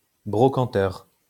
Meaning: 1. broker 2. dealer in junk or in second-hand goods
- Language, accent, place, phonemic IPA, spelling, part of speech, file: French, France, Lyon, /bʁɔ.kɑ̃.tœʁ/, brocanteur, noun, LL-Q150 (fra)-brocanteur.wav